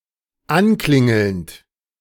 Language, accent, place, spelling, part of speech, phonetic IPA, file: German, Germany, Berlin, anklingelnd, verb, [ˈanˌklɪŋl̩nt], De-anklingelnd.ogg
- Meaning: present participle of anklingeln